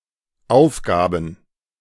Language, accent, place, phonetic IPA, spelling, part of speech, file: German, Germany, Berlin, [ˈaʊ̯fˌɡaːbn̩], aufgaben, verb, De-aufgaben.ogg
- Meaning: first/third-person plural dependent preterite of aufgeben